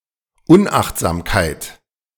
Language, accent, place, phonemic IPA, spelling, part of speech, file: German, Germany, Berlin, /ˈʊnʔaxtzaːmkaɪ̯t/, Unachtsamkeit, noun, De-Unachtsamkeit.ogg
- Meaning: unwariness, carelessness